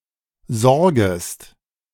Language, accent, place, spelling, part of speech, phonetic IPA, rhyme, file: German, Germany, Berlin, sorgest, verb, [ˈzɔʁɡəst], -ɔʁɡəst, De-sorgest.ogg
- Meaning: second-person singular subjunctive I of sorgen